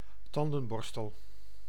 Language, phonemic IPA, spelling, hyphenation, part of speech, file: Dutch, /ˈtɑn.də(n)ˌbɔrs.təl/, tandenborstel, tan‧den‧bor‧stel, noun, Nl-tandenborstel.ogg
- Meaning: toothbrush